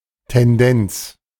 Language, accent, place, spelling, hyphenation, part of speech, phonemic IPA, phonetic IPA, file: German, Germany, Berlin, Tendenz, Ten‧denz, noun, /tɛnˈdɛnts/, [tʰɛnˈdɛnt͡s], De-Tendenz.ogg
- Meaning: tendency